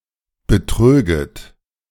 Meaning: second-person plural subjunctive II of betrügen
- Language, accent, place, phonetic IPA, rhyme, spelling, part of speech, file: German, Germany, Berlin, [bəˈtʁøːɡət], -øːɡət, betröget, verb, De-betröget.ogg